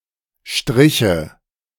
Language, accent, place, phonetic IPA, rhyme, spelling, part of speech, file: German, Germany, Berlin, [ˈʃtʁɪçə], -ɪçə, Striche, noun, De-Striche.ogg
- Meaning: nominative/accusative/genitive plural of Strich